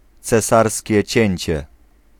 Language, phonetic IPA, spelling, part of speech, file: Polish, [t͡sɛˈsarsʲcɛ ˈt͡ɕɛ̇̃ɲt͡ɕɛ], cesarskie cięcie, noun, Pl-cesarskie cięcie.ogg